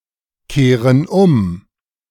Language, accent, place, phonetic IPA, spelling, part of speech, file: German, Germany, Berlin, [ˌkeːʁən ˈʊm], kehren um, verb, De-kehren um.ogg
- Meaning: inflection of umkehren: 1. first/third-person plural present 2. first/third-person plural subjunctive I